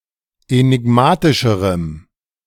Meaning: strong dative masculine/neuter singular comparative degree of enigmatisch
- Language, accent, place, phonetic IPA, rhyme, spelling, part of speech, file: German, Germany, Berlin, [enɪˈɡmaːtɪʃəʁəm], -aːtɪʃəʁəm, enigmatischerem, adjective, De-enigmatischerem.ogg